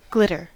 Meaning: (noun) 1. A bright, sparkling light; shininess or brilliance 2. A shiny, decorative adornment, sometimes sprinkled on glue to make simple artwork 3. Glitz
- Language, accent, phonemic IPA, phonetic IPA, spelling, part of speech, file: English, US, /ˈɡlɪtəɹ/, [ˈɡlɪɾɚ], glitter, noun / verb, En-us-glitter.ogg